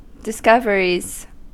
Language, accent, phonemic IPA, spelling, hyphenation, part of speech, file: English, US, /dɪsˈkʌvəɹiz/, discoveries, dis‧cov‧er‧ies, noun, En-us-discoveries.ogg
- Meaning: plural of discovery